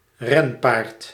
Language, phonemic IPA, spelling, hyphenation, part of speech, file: Dutch, /ˈrɛn.paːrt/, renpaard, ren‧paard, noun, Nl-renpaard.ogg
- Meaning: a racehorse